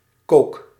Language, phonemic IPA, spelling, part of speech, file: Dutch, /kok/, kook, noun / verb, Nl-kook.ogg
- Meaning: inflection of koken: 1. first-person singular present indicative 2. second-person singular present indicative 3. imperative